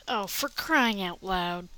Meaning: Used to express frustration, exasperation, or annoyance
- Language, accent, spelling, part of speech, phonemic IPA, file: English, US, for crying out loud, interjection, /fɚ ˈkɹaɪ.ɪŋ aʊt ˌlaʊd/, En-us-for crying out loud.ogg